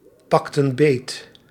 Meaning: inflection of beetpakken: 1. plural past indicative 2. plural past subjunctive
- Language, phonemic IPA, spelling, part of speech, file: Dutch, /ˈpɑktə(n) ˈbet/, pakten beet, verb, Nl-pakten beet.ogg